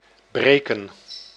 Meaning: to break
- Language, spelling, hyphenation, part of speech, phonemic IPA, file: Dutch, breken, bre‧ken, verb, /ˈbreːkə(n)/, Nl-breken.ogg